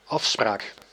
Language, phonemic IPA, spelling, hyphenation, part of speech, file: Dutch, /ˈɑfˌspraːk/, afspraak, af‧spraak, noun, Nl-afspraak.ogg
- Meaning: 1. arrangement, agreement, understanding 2. appointment, date